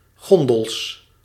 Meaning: plural of gondel
- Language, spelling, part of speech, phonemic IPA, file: Dutch, gondels, noun, /ˈɣɔndəls/, Nl-gondels.ogg